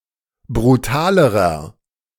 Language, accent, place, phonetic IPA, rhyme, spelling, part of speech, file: German, Germany, Berlin, [bʁuˈtaːləʁɐ], -aːləʁɐ, brutalerer, adjective, De-brutalerer.ogg
- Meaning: inflection of brutal: 1. strong/mixed nominative masculine singular comparative degree 2. strong genitive/dative feminine singular comparative degree 3. strong genitive plural comparative degree